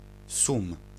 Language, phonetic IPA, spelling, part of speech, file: Polish, [sũm], sum, noun, Pl-sum.ogg